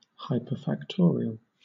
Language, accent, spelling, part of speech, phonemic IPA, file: English, Southern England, hyperfactorial, noun, /ˌhaɪpə(ɹ)fækˈtɔːɹi.əl/, LL-Q1860 (eng)-hyperfactorial.wav
- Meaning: The result of multiplying a given number of consecutive integers from 1 to the given number, each raised to its own power